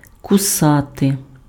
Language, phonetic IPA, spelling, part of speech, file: Ukrainian, [kʊˈsate], кусати, verb, Uk-кусати.ogg
- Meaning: 1. to bite 2. to sting